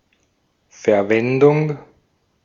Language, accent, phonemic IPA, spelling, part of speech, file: German, Austria, /fɛɐ̯ˈvɛndʊŋ/, Verwendung, noun, De-at-Verwendung.ogg
- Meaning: use, usage, application, utilization (function or purpose for which something may be employed)